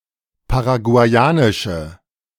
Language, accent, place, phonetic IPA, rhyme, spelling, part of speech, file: German, Germany, Berlin, [paʁaɡu̯aɪ̯ˈaːnɪʃə], -aːnɪʃə, paraguayanische, adjective, De-paraguayanische.ogg
- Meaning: inflection of paraguayanisch: 1. strong/mixed nominative/accusative feminine singular 2. strong nominative/accusative plural 3. weak nominative all-gender singular